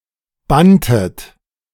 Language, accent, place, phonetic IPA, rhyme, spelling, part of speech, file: German, Germany, Berlin, [ˈbantət], -antət, banntet, verb, De-banntet.ogg
- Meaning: inflection of bannen: 1. second-person plural preterite 2. second-person plural subjunctive II